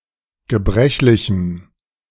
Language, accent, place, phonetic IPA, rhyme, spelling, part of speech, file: German, Germany, Berlin, [ɡəˈbʁɛçlɪçm̩], -ɛçlɪçm̩, gebrechlichem, adjective, De-gebrechlichem.ogg
- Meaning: strong dative masculine/neuter singular of gebrechlich